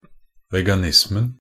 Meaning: definite singular of veganisme
- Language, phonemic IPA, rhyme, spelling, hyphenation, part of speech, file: Norwegian Bokmål, /ˈʋɛɡanɪsmən/, -ən, veganismen, ve‧ga‧nis‧men, noun, Nb-veganismen.ogg